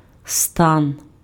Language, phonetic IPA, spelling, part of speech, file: Ukrainian, [stan], стан, noun, Uk-стан.ogg
- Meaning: 1. trunk, torso (of a human body) 2. waist 3. trunk (of a tree) 4. camp 5. condition, status, state 6. voice